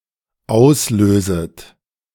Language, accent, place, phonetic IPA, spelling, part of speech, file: German, Germany, Berlin, [ˈaʊ̯sˌløːzət], auslöset, verb, De-auslöset.ogg
- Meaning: second-person plural dependent subjunctive I of auslösen